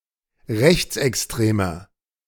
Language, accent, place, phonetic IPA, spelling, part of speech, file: German, Germany, Berlin, [ˈʁɛçt͡sʔɛksˌtʁeːmɐ], rechtsextremer, adjective, De-rechtsextremer.ogg
- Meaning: 1. comparative degree of rechtsextrem 2. inflection of rechtsextrem: strong/mixed nominative masculine singular 3. inflection of rechtsextrem: strong genitive/dative feminine singular